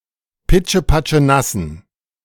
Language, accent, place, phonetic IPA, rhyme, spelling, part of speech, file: German, Germany, Berlin, [ˌpɪt͡ʃəpat͡ʃəˈnasn̩], -asn̩, pitschepatschenassen, adjective, De-pitschepatschenassen.ogg
- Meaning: inflection of pitschepatschenass: 1. strong genitive masculine/neuter singular 2. weak/mixed genitive/dative all-gender singular 3. strong/weak/mixed accusative masculine singular